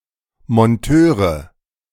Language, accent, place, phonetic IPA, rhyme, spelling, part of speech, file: German, Germany, Berlin, [mɔnˈtøːʁə], -øːʁə, Monteure, noun, De-Monteure.ogg
- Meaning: nominative/accusative/genitive plural of Monteur